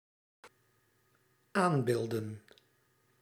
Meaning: plural of aanbeeld
- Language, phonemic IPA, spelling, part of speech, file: Dutch, /ˈambeldə(n)/, aanbeelden, noun, Nl-aanbeelden.ogg